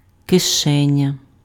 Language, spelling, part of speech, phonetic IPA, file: Ukrainian, кишеня, noun, [keˈʃɛnʲɐ], Uk-кишеня.ogg
- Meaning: pocket